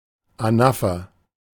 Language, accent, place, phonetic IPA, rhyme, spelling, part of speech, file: German, Germany, Berlin, [aˈnafɐ], -afɐ, Anapher, noun, De-Anapher.ogg
- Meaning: anaphora